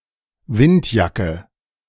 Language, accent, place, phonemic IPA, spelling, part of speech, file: German, Germany, Berlin, /vɪntjakə/, Windjacke, noun, De-Windjacke.ogg
- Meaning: 1. windbreaker, windcheater 2. A thin outer coat designed to resist wind chill and light rain